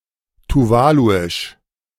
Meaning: of Tuvalu; Tuvaluan
- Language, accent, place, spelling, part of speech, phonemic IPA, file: German, Germany, Berlin, tuvaluisch, adjective, /tuˈvaːluɪʃ/, De-tuvaluisch.ogg